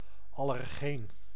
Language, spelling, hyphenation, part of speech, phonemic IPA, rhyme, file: Dutch, allergeen, al‧ler‧geen, noun, /ɑlɛrˈɣeːn/, -eːn, Nl-allergeen.ogg
- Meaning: allergen (substance provoking allergic reactions)